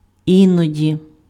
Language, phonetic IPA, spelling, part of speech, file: Ukrainian, [ˈinɔdʲi], іноді, adverb, Uk-іноді.ogg
- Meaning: sometimes